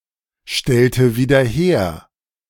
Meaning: inflection of wiederherstellen: 1. first/third-person singular preterite 2. first/third-person singular subjunctive II
- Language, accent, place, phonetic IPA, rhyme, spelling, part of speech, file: German, Germany, Berlin, [ˌʃtɛltə viːdɐ ˈheːɐ̯], -eːɐ̯, stellte wieder her, verb, De-stellte wieder her.ogg